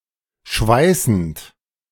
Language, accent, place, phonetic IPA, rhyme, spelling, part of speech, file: German, Germany, Berlin, [ˈʃvaɪ̯sn̩t], -aɪ̯sn̩t, schweißend, verb, De-schweißend.ogg
- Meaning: present participle of schweißen